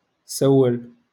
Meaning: to ask
- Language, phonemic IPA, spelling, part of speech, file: Moroccan Arabic, /saw.wal/, سول, verb, LL-Q56426 (ary)-سول.wav